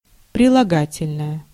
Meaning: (noun) adjective; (adjective) nominative/accusative neuter singular of прилага́тельный (prilagátelʹnyj)
- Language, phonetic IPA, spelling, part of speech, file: Russian, [prʲɪɫɐˈɡatʲɪlʲnəjə], прилагательное, noun / adjective, Ru-прилагательное.ogg